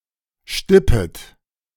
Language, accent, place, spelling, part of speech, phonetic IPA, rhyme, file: German, Germany, Berlin, stippet, verb, [ˈʃtɪpət], -ɪpət, De-stippet.ogg
- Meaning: second-person plural subjunctive I of stippen